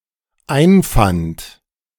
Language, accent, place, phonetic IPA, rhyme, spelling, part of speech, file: German, Germany, Berlin, [ˈaɪ̯nˌfant], -aɪ̯nfant, einfand, verb, De-einfand.ogg
- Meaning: first/third-person singular dependent preterite of einfinden